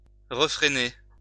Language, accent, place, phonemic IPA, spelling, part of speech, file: French, France, Lyon, /ʁə.fʁe.ne/, refréner, verb, LL-Q150 (fra)-refréner.wav
- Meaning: to curb, repress